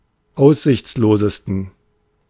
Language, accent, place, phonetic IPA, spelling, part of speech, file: German, Germany, Berlin, [ˈaʊ̯szɪçt͡sloːzəstn̩], aussichtslosesten, adjective, De-aussichtslosesten.ogg
- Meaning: 1. superlative degree of aussichtslos 2. inflection of aussichtslos: strong genitive masculine/neuter singular superlative degree